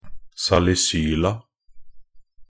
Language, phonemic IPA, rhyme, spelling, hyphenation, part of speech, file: Norwegian Bokmål, /salɪˈsyːla/, -yːla, salisyla, sa‧li‧sy‧la, noun, Nb-salisyla.ogg
- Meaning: definite plural of salisyl